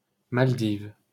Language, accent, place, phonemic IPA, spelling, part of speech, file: French, France, Paris, /mal.div/, Maldives, proper noun, LL-Q150 (fra)-Maldives.wav
- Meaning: Maldives (an archipelago and country in South Asia, located in the Indian Ocean off the coast of India)